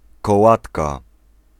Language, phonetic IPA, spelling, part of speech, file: Polish, [kɔˈwatka], kołatka, noun, Pl-kołatka.ogg